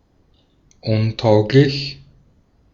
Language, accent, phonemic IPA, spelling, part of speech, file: German, Austria, /ˈʊnˌtaʊ̯klɪç/, untauglich, adjective, De-at-untauglich.ogg
- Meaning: 1. unfit, unsuited 2. ineligible